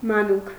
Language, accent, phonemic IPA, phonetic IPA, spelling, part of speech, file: Armenian, Eastern Armenian, /mɑˈnuk/, [mɑnúk], մանուկ, noun, Hy-մանուկ.ogg
- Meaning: baby, infant; child